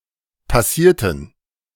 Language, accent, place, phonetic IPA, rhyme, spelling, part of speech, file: German, Germany, Berlin, [paˈsiːɐ̯tn̩], -iːɐ̯tn̩, passierten, adjective / verb, De-passierten.ogg
- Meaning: inflection of passieren: 1. first/third-person plural preterite 2. first/third-person plural subjunctive II